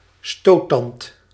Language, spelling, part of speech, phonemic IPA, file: Dutch, stoottand, noun, /ˈstotɑnt/, Nl-stoottand.ogg
- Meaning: tusk, a large tooth extending outside the mouth, as on an elephant, fit as a weapon